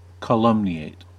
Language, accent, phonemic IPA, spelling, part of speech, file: English, US, /kəˈlʌmni.eɪt/, calumniate, verb, En-us-calumniate.ogg
- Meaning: 1. To make hurtful untrue comments about 2. To levy a false charge against, especially of a vague offense, with the intent to damage someone's reputation or standing